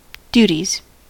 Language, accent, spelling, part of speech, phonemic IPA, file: English, US, duties, noun, /duːtiz/, En-us-duties.ogg
- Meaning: plural of duty